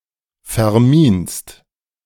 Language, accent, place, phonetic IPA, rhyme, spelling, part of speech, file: German, Germany, Berlin, [fɛɐ̯ˈmiːnst], -iːnst, verminst, verb, De-verminst.ogg
- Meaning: second-person singular present of verminen